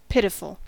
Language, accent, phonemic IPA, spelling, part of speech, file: English, US, /ˈpɪt.ɪ.fl̩/, pitiful, adjective / adverb, En-us-pitiful.ogg
- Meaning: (adjective) 1. So appalling or sad that one feels or should feel sorry for it; eliciting pity 2. Eliciting contempt 3. Of an amount or number: very small 4. Feeling pity; merciful